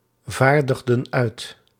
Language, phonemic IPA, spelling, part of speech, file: Dutch, /ˈvardəɣdə(n) ˈœyt/, vaardigden uit, verb, Nl-vaardigden uit.ogg
- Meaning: inflection of uitvaardigen: 1. plural past indicative 2. plural past subjunctive